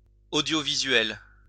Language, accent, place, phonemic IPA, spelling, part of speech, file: French, France, Lyon, /o.djo.vi.zɥɛl/, audiovisuel, adjective, LL-Q150 (fra)-audiovisuel.wav
- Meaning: audiovisual